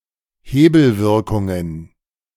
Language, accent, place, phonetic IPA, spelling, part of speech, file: German, Germany, Berlin, [ˈheːbl̩ˌvɪʁkʊŋən], Hebelwirkungen, noun, De-Hebelwirkungen.ogg
- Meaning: plural of Hebelwirkung